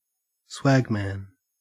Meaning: A man who travels around with a swag (“bundle of personal items”); specifically, an itinerant person, often seeking work in exchange for food and lodging
- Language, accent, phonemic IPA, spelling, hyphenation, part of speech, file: English, Australia, /ˈswæɡmæn/, swagman, swag‧man, noun, En-au-swagman.ogg